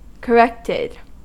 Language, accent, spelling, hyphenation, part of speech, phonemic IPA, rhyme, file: English, US, corrected, cor‧rect‧ed, verb, /kəˈɹɛktɪd/, -ɛktɪd, En-us-corrected.ogg
- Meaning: simple past and past participle of correct